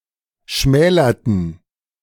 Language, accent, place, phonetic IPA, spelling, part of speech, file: German, Germany, Berlin, [ˈʃmɛːlɐtn̩], schmälerten, verb, De-schmälerten.ogg
- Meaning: inflection of schmälern: 1. first/third-person plural preterite 2. first/third-person plural subjunctive II